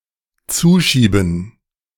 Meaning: 1. to push shut 2. to push something (over) to someone
- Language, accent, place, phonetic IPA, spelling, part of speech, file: German, Germany, Berlin, [ˈt͡suːˌʃiːbn̩], zuschieben, verb, De-zuschieben.ogg